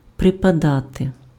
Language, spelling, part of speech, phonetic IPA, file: Ukrainian, припадати, verb, [prepɐˈdate], Uk-припадати.ogg
- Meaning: 1. to fall at something/someone, to get closer to something./smb., to lean on something/someone 2. to suit, to become 3. to be situated geographically 4. to belong 5. to happen, to occur